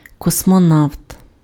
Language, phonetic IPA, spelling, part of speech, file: Ukrainian, [kɔsmɔˈnau̯t], космонавт, noun, Uk-космонавт.ogg
- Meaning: cosmonaut (the Soviet equivalent of an astronaut)